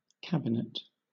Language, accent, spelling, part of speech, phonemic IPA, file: English, Southern England, cabinet, noun, /ˈkæb.ɪ.nɪt/, LL-Q1860 (eng)-cabinet.wav
- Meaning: 1. A storage closet either separate from, or built into, a wall 2. A cupboard 3. A museum display case 4. A source of valuable things; a storehouse